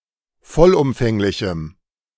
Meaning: strong dative masculine/neuter singular of vollumfänglich
- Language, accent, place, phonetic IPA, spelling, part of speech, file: German, Germany, Berlin, [ˈfɔlʔʊmfɛŋlɪçm̩], vollumfänglichem, adjective, De-vollumfänglichem.ogg